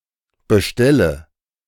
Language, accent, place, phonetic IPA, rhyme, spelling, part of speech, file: German, Germany, Berlin, [bəˈʃtɛlə], -ɛlə, bestelle, verb, De-bestelle.ogg
- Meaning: inflection of bestellen: 1. first-person singular present 2. first/third-person singular subjunctive I 3. singular imperative